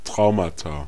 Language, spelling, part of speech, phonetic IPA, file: German, Traumata, noun, [ˈtʁaʊ̯mata], De-Traumata.ogg
- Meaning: plural of Trauma